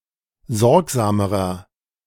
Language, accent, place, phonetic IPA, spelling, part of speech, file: German, Germany, Berlin, [ˈzɔʁkzaːməʁɐ], sorgsamerer, adjective, De-sorgsamerer.ogg
- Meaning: inflection of sorgsam: 1. strong/mixed nominative masculine singular comparative degree 2. strong genitive/dative feminine singular comparative degree 3. strong genitive plural comparative degree